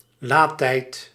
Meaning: 1. load time 2. charging time
- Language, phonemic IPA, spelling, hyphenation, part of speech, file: Dutch, /ˈlaː.tɛi̯t/, laadtijd, laad‧tijd, noun, Nl-laadtijd.ogg